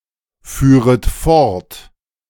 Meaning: second-person plural subjunctive II of fortfahren
- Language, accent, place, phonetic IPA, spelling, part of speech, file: German, Germany, Berlin, [ˌfyːʁət ˈfɔʁt], führet fort, verb, De-führet fort.ogg